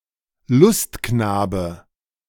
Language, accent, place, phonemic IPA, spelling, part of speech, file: German, Germany, Berlin, /ˈlʊstˌknaːbə/, Lustknabe, noun, De-Lustknabe.ogg
- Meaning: catamite